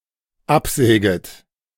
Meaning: second-person plural dependent subjunctive I of absägen
- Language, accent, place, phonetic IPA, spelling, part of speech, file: German, Germany, Berlin, [ˈapˌzɛːɡət], absäget, verb, De-absäget.ogg